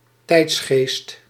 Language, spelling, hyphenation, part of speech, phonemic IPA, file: Dutch, tijdsgeest, tijds‧geest, noun, /ˈtɛi̯ts.xeːst/, Nl-tijdsgeest.ogg
- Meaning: alternative form of tijdgeest